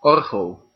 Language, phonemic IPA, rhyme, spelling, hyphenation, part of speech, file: Dutch, /ˈɔr.ɣəl/, -ɔrɣəl, orgel, or‧gel, noun / verb, Nl-orgel.ogg
- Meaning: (noun) organ; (verb) inflection of orgelen: 1. first-person singular present indicative 2. second-person singular present indicative 3. imperative